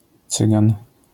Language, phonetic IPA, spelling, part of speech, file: Polish, [ˈt͡sɨɡãn], Cygan, noun / proper noun, LL-Q809 (pol)-Cygan.wav